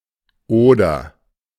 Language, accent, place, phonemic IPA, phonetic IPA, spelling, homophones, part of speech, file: German, Germany, Berlin, /ˈoːdər/, [ˈʔoː.dɐ], Oder, oder, proper noun, De-Oder.ogg
- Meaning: Oder (a major river in the Czech Republic, Poland and Germany)